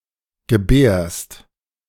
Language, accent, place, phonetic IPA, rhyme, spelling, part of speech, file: German, Germany, Berlin, [ɡəˈbɛːɐ̯st], -ɛːɐ̯st, gebärst, verb, De-gebärst.ogg
- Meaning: second-person singular present of gebären